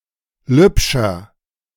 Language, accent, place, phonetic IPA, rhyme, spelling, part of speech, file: German, Germany, Berlin, [ˈlʏpʃɐ], -ʏpʃɐ, lübscher, adjective, De-lübscher.ogg
- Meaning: inflection of lübsch: 1. strong/mixed nominative masculine singular 2. strong genitive/dative feminine singular 3. strong genitive plural